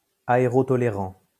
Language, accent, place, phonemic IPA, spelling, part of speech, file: French, France, Lyon, /a.e.ʁɔ.tɔ.le.ʁɑ̃/, aérotolérant, adjective, LL-Q150 (fra)-aérotolérant.wav
- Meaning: aerotolerant